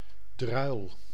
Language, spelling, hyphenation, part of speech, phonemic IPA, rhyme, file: Dutch, druil, druil, noun, /drœy̯l/, -œy̯l, Nl-druil.ogg
- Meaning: 1. druilmast 2. the sail on a druilmast 3. one who plods, works sluggishly